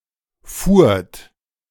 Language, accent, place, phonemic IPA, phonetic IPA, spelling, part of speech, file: German, Germany, Berlin, /fuːrt/, [fu(ː)ɐ̯t], fuhrt, verb, De-fuhrt.ogg
- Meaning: second-person plural preterite of fahren